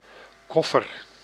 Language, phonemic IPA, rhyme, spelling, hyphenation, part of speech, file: Dutch, /ˈkɔ.fər/, -ɔfər, koffer, kof‧fer, noun, Nl-koffer.ogg
- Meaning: 1. a suitcase 2. a luggage compartment in a small vehicle; a trunk, a boot 3. a trunk, a large chest used to move luggage